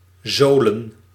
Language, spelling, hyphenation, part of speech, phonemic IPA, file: Dutch, zolen, zo‧len, verb / noun, /ˈzoː.lə(n)/, Nl-zolen.ogg
- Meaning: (verb) to sole, to put a sole on (a shoe or boot); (noun) plural of zool